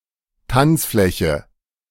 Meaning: dance floor
- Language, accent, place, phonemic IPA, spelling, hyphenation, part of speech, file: German, Germany, Berlin, /ˈtant͡sˌflɛçə/, Tanzfläche, Tanz‧flä‧che, noun, De-Tanzfläche.ogg